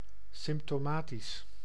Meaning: symptomatic (showing symptoms)
- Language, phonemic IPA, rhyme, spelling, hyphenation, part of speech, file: Dutch, /ˌsɪmp.toːˈmaː.tis/, -aːtis, symptomatisch, symp‧to‧ma‧tisch, adjective, Nl-symptomatisch.ogg